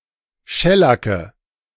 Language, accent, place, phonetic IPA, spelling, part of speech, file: German, Germany, Berlin, [ˈʃɛlakə], Schellacke, noun, De-Schellacke.ogg
- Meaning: nominative/accusative/genitive plural of Schellack